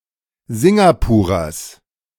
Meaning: genitive of Singapurer
- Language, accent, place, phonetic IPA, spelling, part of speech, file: German, Germany, Berlin, [ˈzɪŋɡapuːʁɐs], Singapurers, noun, De-Singapurers.ogg